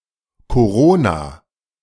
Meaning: corona
- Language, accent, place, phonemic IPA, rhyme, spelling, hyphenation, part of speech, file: German, Germany, Berlin, /koˈʁoːna/, -oːna, Korona, Ko‧ro‧na, noun, De-Korona.ogg